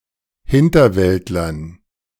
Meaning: dative plural of Hinterwäldler
- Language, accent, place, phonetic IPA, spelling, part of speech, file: German, Germany, Berlin, [ˈhɪntɐˌvɛltlɐn], Hinterwäldlern, noun, De-Hinterwäldlern.ogg